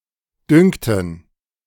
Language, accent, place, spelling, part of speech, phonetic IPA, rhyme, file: German, Germany, Berlin, düngten, verb, [ˈdʏŋtn̩], -ʏŋtn̩, De-düngten.ogg
- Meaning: inflection of düngen: 1. first/third-person plural preterite 2. first/third-person plural subjunctive II